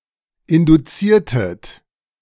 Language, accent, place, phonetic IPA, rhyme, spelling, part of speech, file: German, Germany, Berlin, [ˌɪnduˈt͡siːɐ̯tət], -iːɐ̯tət, induziertet, verb, De-induziertet.ogg
- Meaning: inflection of induzieren: 1. second-person plural preterite 2. second-person plural subjunctive II